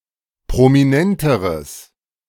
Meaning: strong/mixed nominative/accusative neuter singular comparative degree of prominent
- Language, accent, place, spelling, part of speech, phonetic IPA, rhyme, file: German, Germany, Berlin, prominenteres, adjective, [pʁomiˈnɛntəʁəs], -ɛntəʁəs, De-prominenteres.ogg